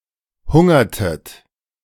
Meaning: inflection of hungern: 1. second-person plural preterite 2. second-person plural subjunctive II
- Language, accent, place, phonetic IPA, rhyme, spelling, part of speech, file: German, Germany, Berlin, [ˈhʊŋɐtət], -ʊŋɐtət, hungertet, verb, De-hungertet.ogg